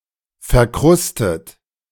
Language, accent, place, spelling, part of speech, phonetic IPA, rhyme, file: German, Germany, Berlin, verkrustet, adjective / verb, [fɛɐ̯ˈkʁʊstət], -ʊstət, De-verkrustet.ogg
- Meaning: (verb) past participle of verkrusten; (adjective) 1. encrusted, caked 2. crusty, scabby 3. decrepit